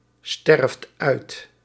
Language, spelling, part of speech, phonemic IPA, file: Dutch, sterft uit, verb, /ˈstɛrᵊft ˈœyt/, Nl-sterft uit.ogg
- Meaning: inflection of uitsterven: 1. second/third-person singular present indicative 2. plural imperative